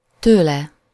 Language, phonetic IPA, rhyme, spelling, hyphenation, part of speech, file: Hungarian, [ˈtøːlɛ], -lɛ, tőle, tő‧le, pronoun, Hu-tőle.ogg
- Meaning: 1. from him / her / it 2. of him / her / it 3. In various senses as arguments of words that require the case suffix -tól/-től